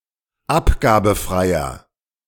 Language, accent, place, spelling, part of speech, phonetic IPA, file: German, Germany, Berlin, abgabenfreier, adjective, [ˈapɡaːbn̩fʁaɪ̯ɐ], De-abgabenfreier.ogg
- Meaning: inflection of abgabenfrei: 1. strong/mixed nominative masculine singular 2. strong genitive/dative feminine singular 3. strong genitive plural